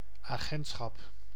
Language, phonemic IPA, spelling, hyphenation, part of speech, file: Dutch, /aːˈɣɛnt.sxɑp/, agentschap, agent‧schap, noun, Nl-agentschap.ogg
- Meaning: agency